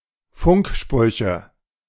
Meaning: nominative/accusative/genitive plural of Funkspruch
- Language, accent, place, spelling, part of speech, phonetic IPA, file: German, Germany, Berlin, Funksprüche, noun, [ˈfʊŋkˌʃpʁʏçə], De-Funksprüche.ogg